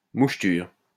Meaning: fleck, speckle
- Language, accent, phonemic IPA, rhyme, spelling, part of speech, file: French, France, /muʃ.tyʁ/, -yʁ, moucheture, noun, LL-Q150 (fra)-moucheture.wav